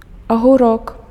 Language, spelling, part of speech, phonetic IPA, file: Belarusian, агурок, noun, [aɣuˈrok], Be-агурок.ogg
- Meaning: cucumber